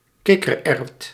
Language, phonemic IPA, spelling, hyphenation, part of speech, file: Dutch, /ˈkɪ.kərˌɛrt/, kikkererwt, kik‧ker‧erwt, noun, Nl-kikkererwt.ogg
- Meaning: 1. chickpea, a seed of Cicer arietinum 2. chickpea plant (Cicer arietinum)